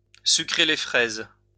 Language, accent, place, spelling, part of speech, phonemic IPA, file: French, France, Lyon, sucrer les fraises, verb, /sy.kʁe le fʁɛz/, LL-Q150 (fra)-sucrer les fraises.wav
- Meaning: 1. to dodder or quiver; to have shaky hands 2. to be dotty, to go gaga (to become senile)